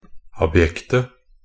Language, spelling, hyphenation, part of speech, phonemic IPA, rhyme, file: Norwegian Bokmål, abjekte, ab‧jek‧te, adjective, /abˈjɛktə/, -ɛktə, Nb-abjekte.ogg
- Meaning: 1. definite singular of abjekt 2. plural of abjekt